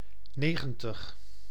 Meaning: ninety
- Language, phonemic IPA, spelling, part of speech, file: Dutch, /ˈneː.ɣə(n).təx/, negentig, numeral, Nl-negentig.ogg